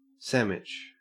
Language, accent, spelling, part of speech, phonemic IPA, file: English, Australia, sammich, noun, /ˈsæmɪt͡ʃ/, En-au-sammich.ogg
- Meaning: Pronunciation spelling of sandwich